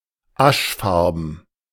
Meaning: ashy (in colour)
- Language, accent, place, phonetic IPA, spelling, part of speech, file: German, Germany, Berlin, [ˈaʃˌfaʁbn̩], aschfarben, adjective, De-aschfarben.ogg